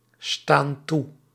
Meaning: inflection of toestaan: 1. plural present indicative 2. plural present subjunctive
- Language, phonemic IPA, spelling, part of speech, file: Dutch, /ˈstan ˈtu/, staan toe, verb, Nl-staan toe.ogg